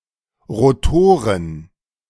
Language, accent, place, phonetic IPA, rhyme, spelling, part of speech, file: German, Germany, Berlin, [ʁoˈtoːʁən], -oːʁən, Rotoren, noun, De-Rotoren.ogg
- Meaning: plural of Rotor